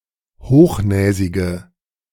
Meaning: inflection of hochnäsig: 1. strong/mixed nominative/accusative feminine singular 2. strong nominative/accusative plural 3. weak nominative all-gender singular
- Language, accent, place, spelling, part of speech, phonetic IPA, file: German, Germany, Berlin, hochnäsige, adjective, [ˈhoːxˌnɛːzɪɡə], De-hochnäsige.ogg